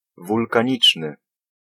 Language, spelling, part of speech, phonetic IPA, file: Polish, wulkaniczny, adjective, [ˌvulkãˈɲit͡ʃnɨ], Pl-wulkaniczny.ogg